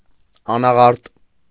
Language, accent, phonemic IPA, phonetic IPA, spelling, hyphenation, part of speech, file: Armenian, Eastern Armenian, /ɑnɑˈʁɑɾt/, [ɑnɑʁɑ́ɾt], անաղարտ, ա‧նա‧ղարտ, adjective, Hy-անաղարտ.ogg
- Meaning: 1. unaltered; intact; untouched; unadulterated 2. pure, immaculate